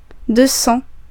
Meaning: two hundred
- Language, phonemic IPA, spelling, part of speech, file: French, /dø sɑ̃/, deux cents, numeral, Fr-deux cents.ogg